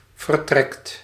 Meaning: inflection of vertrekken: 1. second/third-person singular present indicative 2. plural imperative
- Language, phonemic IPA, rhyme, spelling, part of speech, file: Dutch, /vər.ˈtrɛkt/, -ɛkt, vertrekt, verb, Nl-vertrekt.ogg